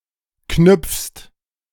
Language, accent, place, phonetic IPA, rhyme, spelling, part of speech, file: German, Germany, Berlin, [knʏp͡fst], -ʏp͡fst, knüpfst, verb, De-knüpfst.ogg
- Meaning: second-person singular present of knüpfen